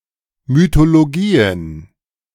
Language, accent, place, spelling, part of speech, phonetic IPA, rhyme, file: German, Germany, Berlin, Mythologien, noun, [mytoloˈɡiːən], -iːən, De-Mythologien.ogg
- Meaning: plural of Mythologie